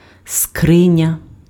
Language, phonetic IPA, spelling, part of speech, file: Ukrainian, [ˈskrɪnʲɐ], скриня, noun, Uk-скриня.ogg
- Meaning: chest, a large box